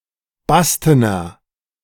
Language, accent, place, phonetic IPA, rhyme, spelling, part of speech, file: German, Germany, Berlin, [ˈbastənɐ], -astənɐ, bastener, adjective, De-bastener.ogg
- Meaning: inflection of basten: 1. strong/mixed nominative masculine singular 2. strong genitive/dative feminine singular 3. strong genitive plural